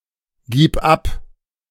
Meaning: singular imperative of abgeben
- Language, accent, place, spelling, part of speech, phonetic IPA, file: German, Germany, Berlin, gib ab, verb, [ˌɡiːp ˈap], De-gib ab.ogg